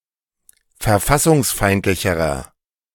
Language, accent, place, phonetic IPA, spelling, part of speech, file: German, Germany, Berlin, [fɛɐ̯ˈfasʊŋsˌfaɪ̯ntlɪçəʁɐ], verfassungsfeindlicherer, adjective, De-verfassungsfeindlicherer.ogg
- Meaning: inflection of verfassungsfeindlich: 1. strong/mixed nominative masculine singular comparative degree 2. strong genitive/dative feminine singular comparative degree